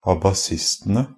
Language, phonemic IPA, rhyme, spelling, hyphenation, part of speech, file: Norwegian Bokmål, /abaˈsɪstənə/, -ənə, abasistene, a‧ba‧sis‧te‧ne, noun, NB - Pronunciation of Norwegian Bokmål «abasistene».ogg
- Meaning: definite plural of abasist